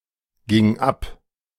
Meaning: first/third-person singular preterite of abgehen
- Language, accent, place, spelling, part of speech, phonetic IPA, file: German, Germany, Berlin, ging ab, verb, [ˌɡɪŋ ˈap], De-ging ab.ogg